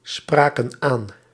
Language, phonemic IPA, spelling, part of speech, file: Dutch, /ˈsprakə(n) ˈan/, spraken aan, verb, Nl-spraken aan.ogg
- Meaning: inflection of aanspreken: 1. plural past indicative 2. plural past subjunctive